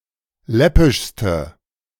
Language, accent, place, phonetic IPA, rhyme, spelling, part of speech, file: German, Germany, Berlin, [ˈlɛpɪʃstə], -ɛpɪʃstə, läppischste, adjective, De-läppischste.ogg
- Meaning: inflection of läppisch: 1. strong/mixed nominative/accusative feminine singular superlative degree 2. strong nominative/accusative plural superlative degree